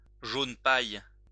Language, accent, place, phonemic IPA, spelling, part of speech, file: French, France, Lyon, /ʒon paj/, jaune paille, adjective / noun, LL-Q150 (fra)-jaune paille.wav
- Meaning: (adjective) straw (of a pale, yellowish beige colour, like that of a dried straw); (noun) straw (colour)